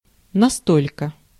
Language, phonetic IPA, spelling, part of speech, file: Russian, [nɐˈstolʲkə], настолько, adverb / conjunction, Ru-настолько.ogg
- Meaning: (adverb) so, so much, as much, thus much; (conjunction) as